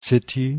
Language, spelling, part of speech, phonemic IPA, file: German, City, noun, /ˈsɪti/, De-City.ogg
- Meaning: city center, downtown, central business district